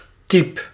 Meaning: inflection of typen: 1. first-person singular present indicative 2. second-person singular present indicative 3. imperative
- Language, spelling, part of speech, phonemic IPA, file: Dutch, typ, verb, /tɛɪ̯p/, Nl-typ.ogg